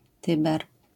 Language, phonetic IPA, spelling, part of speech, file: Polish, [ˈtɨbɛr], Tyber, proper noun, LL-Q809 (pol)-Tyber.wav